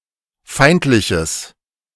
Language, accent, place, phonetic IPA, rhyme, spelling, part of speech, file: German, Germany, Berlin, [ˈfaɪ̯ntlɪçəs], -aɪ̯ntlɪçəs, feindliches, adjective, De-feindliches.ogg
- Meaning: strong/mixed nominative/accusative neuter singular of feindlich